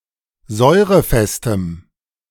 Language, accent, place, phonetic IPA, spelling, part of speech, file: German, Germany, Berlin, [ˈzɔɪ̯ʁəˌfɛstəm], säurefestem, adjective, De-säurefestem.ogg
- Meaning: strong dative masculine/neuter singular of säurefest